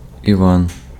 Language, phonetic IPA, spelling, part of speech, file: Ukrainian, [iˈʋan], Іван, proper noun, Uk-Іван.ogg
- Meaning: 1. John, one of the twelve apostles 2. a male given name, Ivan, equivalent to English John or Russian Ива́н (Iván)